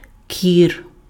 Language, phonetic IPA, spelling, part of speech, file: Ukrainian, [kʲir], кір, noun, Uk-кір.ogg
- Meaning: measles